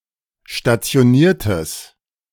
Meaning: strong/mixed nominative/accusative neuter singular of stationiert
- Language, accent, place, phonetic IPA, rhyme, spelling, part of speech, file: German, Germany, Berlin, [ʃtat͡si̯oˈniːɐ̯təs], -iːɐ̯təs, stationiertes, adjective, De-stationiertes.ogg